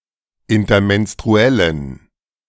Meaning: inflection of intermenstruell: 1. strong genitive masculine/neuter singular 2. weak/mixed genitive/dative all-gender singular 3. strong/weak/mixed accusative masculine singular 4. strong dative plural
- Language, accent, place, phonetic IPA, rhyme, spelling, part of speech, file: German, Germany, Berlin, [ɪntɐmɛnstʁuˈɛlən], -ɛlən, intermenstruellen, adjective, De-intermenstruellen.ogg